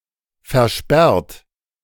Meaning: 1. past participle of versperren 2. inflection of versperren: second-person plural present 3. inflection of versperren: third-person singular present 4. inflection of versperren: plural imperative
- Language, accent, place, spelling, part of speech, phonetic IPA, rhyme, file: German, Germany, Berlin, versperrt, verb, [fɛɐ̯ˈʃpɛʁt], -ɛʁt, De-versperrt.ogg